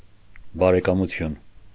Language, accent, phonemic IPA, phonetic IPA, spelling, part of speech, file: Armenian, Eastern Armenian, /bɑɾekɑmuˈtʰjun/, [bɑɾekɑmut͡sʰjún], բարեկամություն, noun, Hy-բարեկամություն.ogg
- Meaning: friendship; relationship